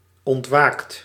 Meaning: 1. inflection of ontwaken: second/third-person singular present indicative 2. inflection of ontwaken: plural imperative 3. past participle of ontwaken
- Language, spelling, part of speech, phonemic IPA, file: Dutch, ontwaakt, verb, /ɔntˈwakt/, Nl-ontwaakt.ogg